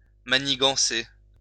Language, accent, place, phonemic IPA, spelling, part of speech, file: French, France, Lyon, /ma.ni.ɡɑ̃.se/, manigancer, verb, LL-Q150 (fra)-manigancer.wav
- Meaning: to conspire, scheme, plot